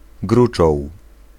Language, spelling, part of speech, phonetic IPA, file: Polish, gruczoł, noun, [ˈɡrut͡ʃɔw], Pl-gruczoł.ogg